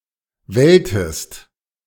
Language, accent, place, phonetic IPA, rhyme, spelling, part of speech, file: German, Germany, Berlin, [ˈvɛltəst], -ɛltəst, welltest, verb, De-welltest.ogg
- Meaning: inflection of wellen: 1. second-person singular preterite 2. second-person singular subjunctive II